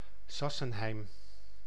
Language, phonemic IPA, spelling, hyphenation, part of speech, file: Dutch, /ˈsɑ.sə(n)ˌɦɛi̯m/, Sassenheim, Sas‧sen‧heim, proper noun, Nl-Sassenheim.ogg
- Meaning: a village and former municipality of Teylingen, South Holland, Netherlands to the north of Leiden and Oegstgeest